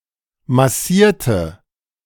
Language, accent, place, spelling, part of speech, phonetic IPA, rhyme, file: German, Germany, Berlin, massierte, adjective / verb, [maˈsiːɐ̯tə], -iːɐ̯tə, De-massierte.ogg
- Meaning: inflection of massieren: 1. first/third-person singular preterite 2. first/third-person singular subjunctive II